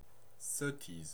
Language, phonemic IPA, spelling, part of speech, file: French, /sɔ.tiz/, sottise, noun, Fr-sottise.ogg
- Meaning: 1. stupidity, foolishness 2. nonsense